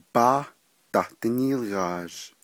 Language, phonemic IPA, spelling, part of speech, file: Navajo, /pɑ́ːh tɑ̀h tɪ́nîːlɣɑ̀ːʒ/, bááh dah díníilghaazh, noun, Nv-bááh dah díníilghaazh.oga
- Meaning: frybread